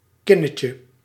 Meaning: diminutive of kin
- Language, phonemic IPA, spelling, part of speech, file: Dutch, /ˈkɪnəcə/, kinnetje, noun, Nl-kinnetje.ogg